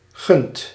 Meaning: inflection of gunnen: 1. second/third-person singular present indicative 2. plural imperative
- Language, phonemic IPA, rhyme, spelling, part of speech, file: Dutch, /ɣʏnt/, -ʏnt, gunt, verb, Nl-gunt.ogg